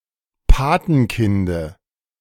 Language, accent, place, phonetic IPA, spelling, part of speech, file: German, Germany, Berlin, [ˈpaːtn̩ˌkɪndə], Patenkinde, noun, De-Patenkinde.ogg
- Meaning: dative of Patenkind